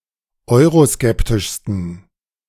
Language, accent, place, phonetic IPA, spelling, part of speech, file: German, Germany, Berlin, [ˈɔɪ̯ʁoˌskɛptɪʃstn̩], euroskeptischsten, adjective, De-euroskeptischsten.ogg
- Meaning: 1. superlative degree of euroskeptisch 2. inflection of euroskeptisch: strong genitive masculine/neuter singular superlative degree